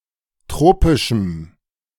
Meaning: strong dative masculine/neuter singular of tropisch
- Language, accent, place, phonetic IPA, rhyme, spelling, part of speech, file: German, Germany, Berlin, [ˈtʁoːpɪʃm̩], -oːpɪʃm̩, tropischem, adjective, De-tropischem.ogg